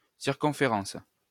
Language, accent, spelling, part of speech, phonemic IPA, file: French, France, circonférence, noun, /siʁ.kɔ̃.fe.ʁɑ̃s/, LL-Q150 (fra)-circonférence.wav
- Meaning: circumference